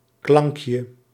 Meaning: diminutive of klank
- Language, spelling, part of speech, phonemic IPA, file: Dutch, klankje, noun, /ˈklɑŋkjə/, Nl-klankje.ogg